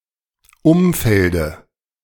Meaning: dative of Umfeld
- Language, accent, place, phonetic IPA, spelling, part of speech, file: German, Germany, Berlin, [ˈʊmˌfɛldə], Umfelde, noun, De-Umfelde.ogg